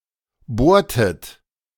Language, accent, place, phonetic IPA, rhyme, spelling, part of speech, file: German, Germany, Berlin, [ˈboːɐ̯tət], -oːɐ̯tət, bohrtet, verb, De-bohrtet.ogg
- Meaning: inflection of bohren: 1. second-person plural preterite 2. second-person plural subjunctive II